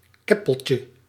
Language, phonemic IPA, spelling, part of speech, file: Dutch, /ˈkɛpəlcə/, keppeltje, noun, Nl-keppeltje.ogg
- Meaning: diminutive of keppel